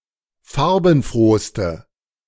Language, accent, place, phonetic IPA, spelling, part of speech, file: German, Germany, Berlin, [ˈfaʁbn̩ˌfʁoːstə], farbenfrohste, adjective, De-farbenfrohste.ogg
- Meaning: inflection of farbenfroh: 1. strong/mixed nominative/accusative feminine singular superlative degree 2. strong nominative/accusative plural superlative degree